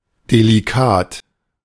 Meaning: 1. delicate 2. delicious
- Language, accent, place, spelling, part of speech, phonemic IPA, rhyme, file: German, Germany, Berlin, delikat, adjective, /deliˈkaːt/, -aːt, De-delikat.ogg